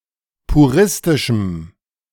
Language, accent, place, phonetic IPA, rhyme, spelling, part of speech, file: German, Germany, Berlin, [puˈʁɪstɪʃm̩], -ɪstɪʃm̩, puristischem, adjective, De-puristischem.ogg
- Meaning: strong dative masculine/neuter singular of puristisch